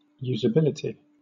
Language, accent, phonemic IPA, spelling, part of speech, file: English, Southern England, /ˌjuːzəˈbɪlɪti/, usability, noun, LL-Q1860 (eng)-usability.wav
- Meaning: 1. The state or condition of being usable 2. The degree to which an object, device, software application, etc. is easy to use with no specific training